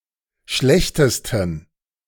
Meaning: 1. superlative degree of schlecht 2. inflection of schlecht: strong genitive masculine/neuter singular superlative degree
- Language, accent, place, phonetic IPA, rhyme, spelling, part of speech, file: German, Germany, Berlin, [ˈʃlɛçtəstn̩], -ɛçtəstn̩, schlechtesten, adjective, De-schlechtesten.ogg